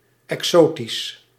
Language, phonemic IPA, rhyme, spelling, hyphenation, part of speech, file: Dutch, /ˌɛkˈsoː.tis/, -oːtis, exotisch, exo‧tisch, adjective, Nl-exotisch.ogg
- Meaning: 1. exotic (foreign, non-native to an area) 2. exotic (foreign or having a foreign appearance, especially in an exciting way)